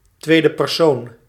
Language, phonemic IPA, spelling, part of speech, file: Dutch, /ˈtwedəpɛrˌson/, tweede persoon, noun, Nl-tweede persoon.ogg
- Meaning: second person (the form of a verb used when the subject of a sentence is the audience)